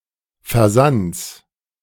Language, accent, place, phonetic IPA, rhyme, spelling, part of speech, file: German, Germany, Berlin, [fɛɐ̯ˈzant͡s], -ant͡s, Versands, noun, De-Versands.ogg
- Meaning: genitive singular of Versand